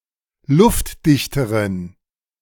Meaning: inflection of luftdicht: 1. strong genitive masculine/neuter singular comparative degree 2. weak/mixed genitive/dative all-gender singular comparative degree
- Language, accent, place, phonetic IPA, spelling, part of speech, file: German, Germany, Berlin, [ˈlʊftˌdɪçtəʁən], luftdichteren, adjective, De-luftdichteren.ogg